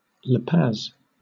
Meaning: 1. The capital city of Bolivia 2. The capital city of Bolivia.: The Bolivian government 3. A department in Bolivia. Capital: La Paz 4. The capital city of Baja California Sur, Mexico
- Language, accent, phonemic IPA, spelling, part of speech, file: English, Southern England, /lə ˈpæz/, La Paz, proper noun, LL-Q1860 (eng)-La Paz.wav